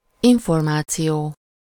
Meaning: information (something that is or can be known about a given topic; a piece of communicable knowledge of something)
- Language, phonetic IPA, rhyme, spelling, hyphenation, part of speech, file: Hungarian, [ˈiɱformaːt͡sijoː], -joː, információ, in‧for‧má‧ció, noun, Hu-információ.ogg